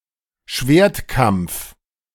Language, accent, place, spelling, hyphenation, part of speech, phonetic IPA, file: German, Germany, Berlin, Schwertkampf, Schwert‧kampf, noun, [ˈʃveːɐ̯tˌkampf], De-Schwertkampf.ogg
- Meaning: swordplay